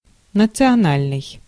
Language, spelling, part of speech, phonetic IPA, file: Russian, национальный, adjective, [nət͡sɨɐˈnalʲnɨj], Ru-национальный.ogg
- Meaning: 1. national 2. ethnic; traditional for an ethnic group